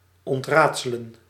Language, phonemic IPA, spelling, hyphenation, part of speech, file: Dutch, /ˌɔntˈraːt.sə.lə(n)/, ontraadselen, ont‧raad‧se‧len, verb, Nl-ontraadselen.ogg
- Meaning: to solve, unriddle